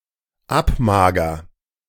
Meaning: first-person singular dependent present of abmagern
- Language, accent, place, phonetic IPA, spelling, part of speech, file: German, Germany, Berlin, [ˈapˌmaːɡɐ], abmager, verb, De-abmager.ogg